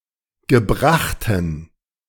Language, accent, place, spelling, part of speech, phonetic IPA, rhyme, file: German, Germany, Berlin, gebrachten, adjective, [ɡəˈbʁaxtn̩], -axtn̩, De-gebrachten.ogg
- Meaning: inflection of gebracht: 1. strong genitive masculine/neuter singular 2. weak/mixed genitive/dative all-gender singular 3. strong/weak/mixed accusative masculine singular 4. strong dative plural